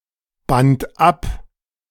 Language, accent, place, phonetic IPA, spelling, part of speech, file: German, Germany, Berlin, [ˌbant ˈap], band ab, verb, De-band ab.ogg
- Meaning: first/third-person singular preterite of abbinden